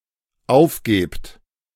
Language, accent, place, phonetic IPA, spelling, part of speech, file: German, Germany, Berlin, [ˈaʊ̯fˌɡeːpt], aufgebt, verb, De-aufgebt.ogg
- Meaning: second-person plural dependent present of aufgeben